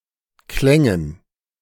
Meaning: first/third-person plural subjunctive II of klingen
- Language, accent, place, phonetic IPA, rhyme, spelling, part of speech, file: German, Germany, Berlin, [ˈklɛŋən], -ɛŋən, klängen, verb, De-klängen.ogg